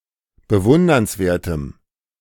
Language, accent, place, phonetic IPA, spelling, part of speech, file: German, Germany, Berlin, [bəˈvʊndɐnsˌveːɐ̯təm], bewundernswertem, adjective, De-bewundernswertem.ogg
- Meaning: strong dative masculine/neuter singular of bewundernswert